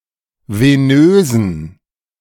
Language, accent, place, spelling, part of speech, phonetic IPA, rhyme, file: German, Germany, Berlin, venösen, adjective, [veˈnøːzn̩], -øːzn̩, De-venösen.ogg
- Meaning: inflection of venös: 1. strong genitive masculine/neuter singular 2. weak/mixed genitive/dative all-gender singular 3. strong/weak/mixed accusative masculine singular 4. strong dative plural